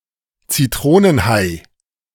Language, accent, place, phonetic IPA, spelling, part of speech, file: German, Germany, Berlin, [t͡siˈtʁoːnənˌhaɪ̯], Zitronenhai, noun, De-Zitronenhai.ogg
- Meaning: lemon shark